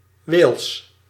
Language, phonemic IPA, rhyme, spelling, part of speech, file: Dutch, /ʋeːls/, -eːls, Wales, proper noun, Nl-Wales.ogg
- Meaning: Wales (a constituent country of the United Kingdom)